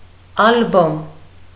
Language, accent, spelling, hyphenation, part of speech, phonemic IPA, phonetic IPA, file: Armenian, Eastern Armenian, ալբոմ, ալ‧բոմ, noun, /ɑlˈbom/, [ɑlbóm], Hy-ալբոմ.ogg
- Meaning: album